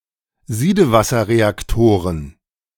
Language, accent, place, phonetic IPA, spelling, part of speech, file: German, Germany, Berlin, [ˈziːdəvasɐʁeakˌtoːʁən], Siedewasserreaktoren, noun, De-Siedewasserreaktoren.ogg
- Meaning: plural of Siedewasserreaktor